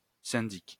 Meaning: syndic
- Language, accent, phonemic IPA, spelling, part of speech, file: French, France, /sɛ̃.dik/, syndic, noun, LL-Q150 (fra)-syndic.wav